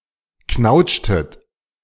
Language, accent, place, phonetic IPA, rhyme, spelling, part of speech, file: German, Germany, Berlin, [ˈknaʊ̯t͡ʃtət], -aʊ̯t͡ʃtət, knautschtet, verb, De-knautschtet.ogg
- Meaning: inflection of knautschen: 1. second-person plural preterite 2. second-person plural subjunctive II